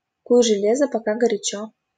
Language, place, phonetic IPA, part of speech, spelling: Russian, Saint Petersburg, [kuj ʐɨˈlʲezə | pɐˈka ɡərʲɪˈt͡ɕɵ], proverb, куй железо, пока горячо
- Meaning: 1. strike while the iron is hot 2. make hay while the sun shines